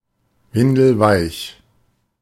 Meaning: 1. weak, submissive 2. severe
- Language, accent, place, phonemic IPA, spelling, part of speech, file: German, Germany, Berlin, /ˈvɪndl̩ˈvaɪ̯ç/, windelweich, adjective, De-windelweich.ogg